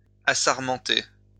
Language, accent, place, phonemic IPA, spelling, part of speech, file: French, France, Lyon, /a.saʁ.mɑ̃.te/, assarmenter, verb, LL-Q150 (fra)-assarmenter.wav
- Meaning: to prune a vine by removing branches